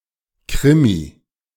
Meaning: 1. crime story, crime thriller 2. police procedural 3. an exciting event, a course of events whose expected outcome changes often
- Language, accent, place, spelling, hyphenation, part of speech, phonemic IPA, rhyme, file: German, Germany, Berlin, Krimi, Kri‧mi, noun, /ˈkʁɪ.mi/, -ɪmi, De-Krimi.ogg